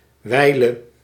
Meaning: dative singular of wijl
- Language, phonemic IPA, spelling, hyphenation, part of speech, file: Dutch, /ˈʋɛi̯.lə/, wijle, wij‧le, noun, Nl-wijle.ogg